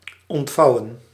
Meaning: 1. to unfold 2. to explain
- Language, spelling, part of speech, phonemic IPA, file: Dutch, ontvouwen, verb, /ˌɔntˈvɑu̯.ə(n)/, Nl-ontvouwen.ogg